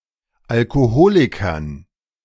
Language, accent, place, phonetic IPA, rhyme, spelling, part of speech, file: German, Germany, Berlin, [alkoˈhoːlɪkɐn], -oːlɪkɐn, Alkoholikern, noun, De-Alkoholikern.ogg
- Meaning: dative plural of Alkoholiker